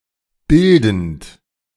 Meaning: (verb) present participle of bilden; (adjective) formative, shaping
- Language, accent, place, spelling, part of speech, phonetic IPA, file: German, Germany, Berlin, bildend, verb, [ˈbɪldn̩t], De-bildend.ogg